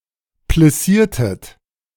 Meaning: inflection of plissieren: 1. second-person plural preterite 2. second-person plural subjunctive II
- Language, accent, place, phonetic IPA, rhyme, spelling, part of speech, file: German, Germany, Berlin, [plɪˈsiːɐ̯tət], -iːɐ̯tət, plissiertet, verb, De-plissiertet.ogg